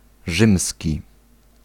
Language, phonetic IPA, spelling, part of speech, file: Polish, [ˈʒɨ̃msʲci], rzymski, adjective, Pl-rzymski.ogg